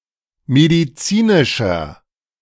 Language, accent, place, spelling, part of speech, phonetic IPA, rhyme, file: German, Germany, Berlin, medizinischer, adjective, [mediˈt͡siːnɪʃɐ], -iːnɪʃɐ, De-medizinischer.ogg
- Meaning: inflection of medizinisch: 1. strong/mixed nominative masculine singular 2. strong genitive/dative feminine singular 3. strong genitive plural